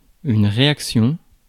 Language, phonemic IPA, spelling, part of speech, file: French, /ʁe.ak.sjɔ̃/, réaction, noun, Fr-réaction.ogg
- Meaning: 1. reaction (action in response to an event) 2. reaction (action in response to an event): reaction